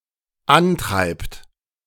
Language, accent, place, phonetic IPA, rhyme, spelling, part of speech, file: German, Germany, Berlin, [ˈanˌtʁaɪ̯pt], -antʁaɪ̯pt, antreibt, verb, De-antreibt.ogg
- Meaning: inflection of antreiben: 1. third-person singular dependent present 2. second-person plural dependent present